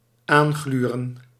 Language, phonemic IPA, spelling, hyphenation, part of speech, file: Dutch, /ˈaːnˌɣlyː.rə(n)/, aangluren, aan‧glu‧ren, verb, Nl-aangluren.ogg
- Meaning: to (furtively) leer at, to peek at, to peep at